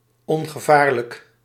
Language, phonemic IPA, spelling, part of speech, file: Dutch, /ˌɔŋɣəˈvarlək/, ongevaarlijk, adjective, Nl-ongevaarlijk.ogg
- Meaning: harmless